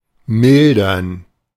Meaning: to mitigate
- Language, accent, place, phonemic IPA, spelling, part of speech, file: German, Germany, Berlin, /ˈmɪldɐn/, mildern, verb, De-mildern.ogg